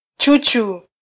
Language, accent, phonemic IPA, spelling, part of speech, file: Swahili, Kenya, /ˈtʃu.tʃu/, chuchu, noun, Sw-ke-chuchu.flac
- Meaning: 1. nipple 2. teat 3. coward